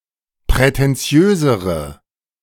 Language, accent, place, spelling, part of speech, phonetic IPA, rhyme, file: German, Germany, Berlin, prätentiösere, adjective, [pʁɛtɛnˈt͡si̯øːzəʁə], -øːzəʁə, De-prätentiösere.ogg
- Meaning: inflection of prätentiös: 1. strong/mixed nominative/accusative feminine singular comparative degree 2. strong nominative/accusative plural comparative degree